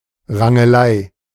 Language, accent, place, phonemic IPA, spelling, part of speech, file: German, Germany, Berlin, /ʁaŋəˈlaɪ̯/, Rangelei, noun, De-Rangelei.ogg
- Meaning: tussle, scuffle